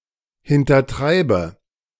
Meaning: inflection of hintertreiben: 1. first-person singular present 2. first/third-person singular subjunctive I 3. singular imperative
- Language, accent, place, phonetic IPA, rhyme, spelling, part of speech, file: German, Germany, Berlin, [hɪntɐˈtʁaɪ̯bə], -aɪ̯bə, hintertreibe, verb, De-hintertreibe.ogg